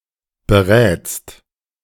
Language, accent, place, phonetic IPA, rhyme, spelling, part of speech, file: German, Germany, Berlin, [bəˈʁɛːt͡st], -ɛːt͡st, berätst, verb, De-berätst.ogg
- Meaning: second-person singular present of beraten